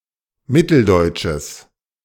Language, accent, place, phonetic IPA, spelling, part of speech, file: German, Germany, Berlin, [ˈmɪtl̩ˌdɔɪ̯tʃəs], mitteldeutsches, adjective, De-mitteldeutsches.ogg
- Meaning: strong/mixed nominative/accusative neuter singular of mitteldeutsch